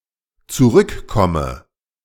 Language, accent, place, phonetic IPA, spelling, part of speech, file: German, Germany, Berlin, [t͡suˈʁʏkˌkɔmə], zurückkomme, verb, De-zurückkomme.ogg
- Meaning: inflection of zurückkommen: 1. first-person singular dependent present 2. first/third-person singular dependent subjunctive I